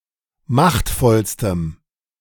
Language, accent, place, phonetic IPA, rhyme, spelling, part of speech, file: German, Germany, Berlin, [ˈmaxtfɔlstəm], -axtfɔlstəm, machtvollstem, adjective, De-machtvollstem.ogg
- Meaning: strong dative masculine/neuter singular superlative degree of machtvoll